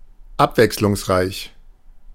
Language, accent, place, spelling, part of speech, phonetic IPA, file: German, Germany, Berlin, abwechslungsreich, adjective, [ˈapvɛkslʊŋsˌʁaɪ̯ç], De-abwechslungsreich.ogg
- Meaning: diversified, varied